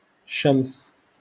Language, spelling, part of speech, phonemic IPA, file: Moroccan Arabic, شمس, noun, /ʃams/, LL-Q56426 (ary)-شمس.wav
- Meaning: alternative form of شمش (šamš)